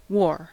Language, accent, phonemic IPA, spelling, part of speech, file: English, US, /wɔɹ/, wore, verb, En-us-wore.ogg
- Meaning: 1. simple past of wear 2. past participle of wear 3. simple past of ware ("bring (a sailing vessel) onto the other tack by bringing the wind around the stern")